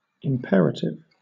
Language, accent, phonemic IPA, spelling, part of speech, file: English, Southern England, /ɪmˈpɛɹ.ə.tɪv/, imperative, adjective / noun, LL-Q1860 (eng)-imperative.wav
- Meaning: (adjective) 1. Essential; crucial; extremely important 2. Of, or relating to the imperative mood 3. Having semantics that incorporates mutable variables